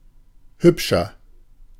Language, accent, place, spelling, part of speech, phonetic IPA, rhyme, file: German, Germany, Berlin, hübscher, adjective, [ˈhʏpʃɐ], -ʏpʃɐ, De-hübscher.ogg
- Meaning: 1. comparative degree of hübsch 2. inflection of hübsch: strong/mixed nominative masculine singular 3. inflection of hübsch: strong genitive/dative feminine singular